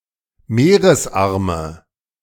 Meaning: nominative/accusative/genitive plural of Meeresarm
- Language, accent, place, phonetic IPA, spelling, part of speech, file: German, Germany, Berlin, [ˈmeːʁəsˌʔaʁmə], Meeresarme, noun, De-Meeresarme.ogg